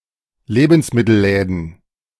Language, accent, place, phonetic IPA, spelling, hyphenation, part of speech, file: German, Germany, Berlin, [ˈleːbn̩smɪtl̩ˌlɛːdn̩], Lebensmittelläden, Le‧bens‧mit‧tel‧lä‧den, noun, De-Lebensmittelläden.ogg
- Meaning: plural of Lebensmittelladen